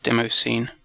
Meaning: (noun) The informal computer art subculture that produces and watches demos (audiovisual computer programs); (verb) To take part in the demoscene
- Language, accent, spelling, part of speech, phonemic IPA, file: English, UK, demoscene, noun / verb, /ˈdɛməʊˌsiːn/, En-uk-demoscene.ogg